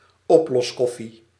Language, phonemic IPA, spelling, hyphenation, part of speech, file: Dutch, /ˈɔp.lɔsˌkɔ.fi/, oploskoffie, op‧los‧kof‧fie, noun, Nl-oploskoffie.ogg
- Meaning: instant coffee, soluble coffee